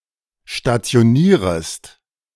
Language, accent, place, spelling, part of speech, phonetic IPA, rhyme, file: German, Germany, Berlin, stationierest, verb, [ʃtat͡si̯oˈniːʁəst], -iːʁəst, De-stationierest.ogg
- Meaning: second-person singular subjunctive I of stationieren